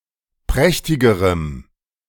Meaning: strong dative masculine/neuter singular comparative degree of prächtig
- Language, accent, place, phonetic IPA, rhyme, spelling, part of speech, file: German, Germany, Berlin, [ˈpʁɛçtɪɡəʁəm], -ɛçtɪɡəʁəm, prächtigerem, adjective, De-prächtigerem.ogg